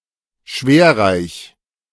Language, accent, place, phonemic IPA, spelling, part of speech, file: German, Germany, Berlin, /ˈʃveːɐ̯ˌʁaɪ̯ç/, schwerreich, adjective, De-schwerreich.ogg
- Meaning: very wealthy